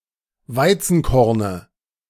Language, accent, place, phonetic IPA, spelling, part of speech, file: German, Germany, Berlin, [ˈvaɪ̯t͡sn̩ˌkɔʁnə], Weizenkorne, noun, De-Weizenkorne.ogg
- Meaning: dative of Weizenkorn